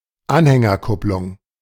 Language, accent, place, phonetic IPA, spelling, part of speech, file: German, Germany, Berlin, [ˈanhɛŋɐˌkʊplʊŋ], Anhängerkupplung, noun, De-Anhängerkupplung.ogg
- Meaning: hitch (connection point for a trailer)